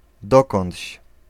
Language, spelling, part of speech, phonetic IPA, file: Polish, dokądś, pronoun, [ˈdɔkɔ̃ntʲɕ], Pl-dokądś.ogg